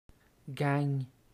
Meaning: 1. gang, group of ill-doer 2. a group of friends
- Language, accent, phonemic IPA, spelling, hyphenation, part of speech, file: French, Canada, /ɡaŋ/, gang, gang, noun, Qc-gang.ogg